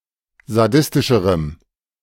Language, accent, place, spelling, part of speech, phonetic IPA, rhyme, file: German, Germany, Berlin, sadistischerem, adjective, [zaˈdɪstɪʃəʁəm], -ɪstɪʃəʁəm, De-sadistischerem.ogg
- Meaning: strong dative masculine/neuter singular comparative degree of sadistisch